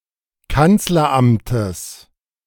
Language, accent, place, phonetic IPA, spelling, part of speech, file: German, Germany, Berlin, [ˈkant͡slɐˌʔamtəs], Kanzleramtes, noun, De-Kanzleramtes.ogg
- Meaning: genitive singular of Kanzleramt